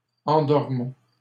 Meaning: inflection of endormir: 1. first-person plural present indicative 2. first-person plural imperative
- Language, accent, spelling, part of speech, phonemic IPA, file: French, Canada, endormons, verb, /ɑ̃.dɔʁ.mɔ̃/, LL-Q150 (fra)-endormons.wav